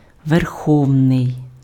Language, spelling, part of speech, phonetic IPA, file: Ukrainian, верховний, adjective, [ʋerˈxɔu̯nei̯], Uk-верховний.ogg
- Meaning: supreme, paramount (having the highest authority)